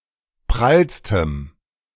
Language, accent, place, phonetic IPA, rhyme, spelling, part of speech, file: German, Germany, Berlin, [ˈpʁalstəm], -alstəm, prallstem, adjective, De-prallstem.ogg
- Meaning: strong dative masculine/neuter singular superlative degree of prall